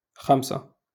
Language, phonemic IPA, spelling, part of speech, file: Moroccan Arabic, /xam.sa/, خمسة, numeral, LL-Q56426 (ary)-خمسة.wav
- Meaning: five